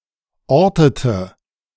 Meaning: inflection of orten: 1. first/third-person singular preterite 2. first/third-person singular subjunctive II
- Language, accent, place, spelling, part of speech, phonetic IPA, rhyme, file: German, Germany, Berlin, ortete, verb, [ˈɔʁtətə], -ɔʁtətə, De-ortete.ogg